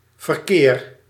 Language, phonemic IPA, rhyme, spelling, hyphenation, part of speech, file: Dutch, /vərˈkeːr/, -eːr, verkeer, ver‧keer, noun / verb, Nl-verkeer.ogg
- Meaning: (noun) 1. traffic 2. intercourse, exchange, dealings 3. verquere, a historical tables game 4. a game of verquere; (verb) inflection of verkeren: first-person singular present indicative